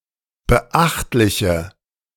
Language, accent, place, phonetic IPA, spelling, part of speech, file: German, Germany, Berlin, [bəˈʔaxtlɪçə], beachtliche, adjective, De-beachtliche.ogg
- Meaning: inflection of beachtlich: 1. strong/mixed nominative/accusative feminine singular 2. strong nominative/accusative plural 3. weak nominative all-gender singular